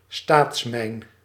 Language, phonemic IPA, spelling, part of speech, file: Dutch, /ˈstaːtsmɛi̯n/, staatsmijn, noun, Nl-staatsmijn.ogg
- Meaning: state mine, mine operated by the state